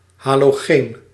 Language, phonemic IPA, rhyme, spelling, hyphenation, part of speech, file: Dutch, /ˌɦaː.loːˈɣeːn/, -eːn, halogeen, ha‧lo‧geen, noun, Nl-halogeen.ogg
- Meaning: halogen (any element of group 7 of the periodic table)